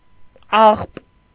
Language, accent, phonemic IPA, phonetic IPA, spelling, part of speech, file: Armenian, Eastern Armenian, /ɑχp/, [ɑχp], աղբ, noun, Hy-աղբ.ogg
- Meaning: 1. garbage, trash, rubbish 2. feces, excrement